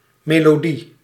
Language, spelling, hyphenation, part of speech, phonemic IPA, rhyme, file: Dutch, melodie, me‧lo‧die, noun, /ˌmeː.loːˈdi/, -i, Nl-melodie.ogg
- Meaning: melody (sequence of notes that makes up a major musical phrase)